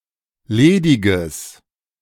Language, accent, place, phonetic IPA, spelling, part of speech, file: German, Germany, Berlin, [ˈleːdɪɡəs], lediges, adjective, De-lediges.ogg
- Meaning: strong/mixed nominative/accusative neuter singular of ledig